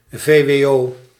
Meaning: abbreviation of voorbereidend wetenschappelijk onderwijs
- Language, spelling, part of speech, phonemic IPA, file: Dutch, vwo, noun, /veː.ʋeːˈoː/, Nl-vwo.ogg